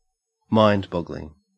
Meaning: That causes the mind to boggle; that is beyond one's ability to understand or figure out
- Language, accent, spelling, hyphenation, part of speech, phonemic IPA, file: English, Australia, mind-boggling, mind-bog‧gl‧ing, adjective, /ˈmɑɪndˌbɔɡ(ə)lɪŋ/, En-au-mind-boggling.ogg